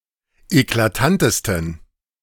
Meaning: 1. superlative degree of eklatant 2. inflection of eklatant: strong genitive masculine/neuter singular superlative degree
- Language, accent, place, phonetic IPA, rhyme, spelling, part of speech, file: German, Germany, Berlin, [eklaˈtantəstn̩], -antəstn̩, eklatantesten, adjective, De-eklatantesten.ogg